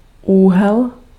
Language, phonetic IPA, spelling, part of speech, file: Czech, [ˈuːɦɛl], úhel, noun, Cs-úhel.ogg
- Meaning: angle (figure formed by two rays)